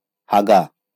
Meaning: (verb) to poop; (noun) poop
- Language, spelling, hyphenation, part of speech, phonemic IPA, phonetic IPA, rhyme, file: Bengali, হাগা, হা‧গা, verb / noun, /haɡa/, [haɡaˑ], -aɡa, LL-Q9610 (ben)-হাগা.wav